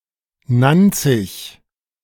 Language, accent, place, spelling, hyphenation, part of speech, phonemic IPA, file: German, Germany, Berlin, Nanzig, Nan‧zig, proper noun, /ˈnant͡sɪç/, De-Nanzig.ogg
- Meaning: Nancy (a city in Meurthe-et-Moselle department, Grand Est, France)